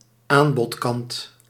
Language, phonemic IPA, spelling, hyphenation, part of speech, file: Dutch, /ˈaːn.bɔtˌkɑnt/, aanbodkant, aan‧bod‧kant, noun, Nl-aanbodkant.ogg
- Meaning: supply side